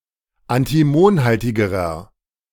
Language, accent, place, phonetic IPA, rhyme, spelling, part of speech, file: German, Germany, Berlin, [antiˈmoːnˌhaltɪɡəʁɐ], -oːnhaltɪɡəʁɐ, antimonhaltigerer, adjective, De-antimonhaltigerer.ogg
- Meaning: inflection of antimonhaltig: 1. strong/mixed nominative masculine singular comparative degree 2. strong genitive/dative feminine singular comparative degree